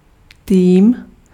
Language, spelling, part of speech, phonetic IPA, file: Czech, tým, noun, [ˈtiːm], Cs-tým.ogg
- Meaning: team